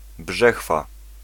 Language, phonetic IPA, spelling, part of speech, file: Polish, [ˈbʒɛxfa], brzechwa, noun, Pl-brzechwa.ogg